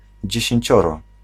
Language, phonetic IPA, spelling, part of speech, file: Polish, [ˌd͡ʑɛ̇ɕɛ̇̃ɲˈt͡ɕɔrɔ], dziesięcioro, numeral, Pl-dziesięcioro.ogg